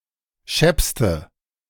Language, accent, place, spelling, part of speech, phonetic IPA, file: German, Germany, Berlin, scheppste, adjective, [ˈʃɛpstə], De-scheppste.ogg
- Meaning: inflection of schepp: 1. strong/mixed nominative/accusative feminine singular superlative degree 2. strong nominative/accusative plural superlative degree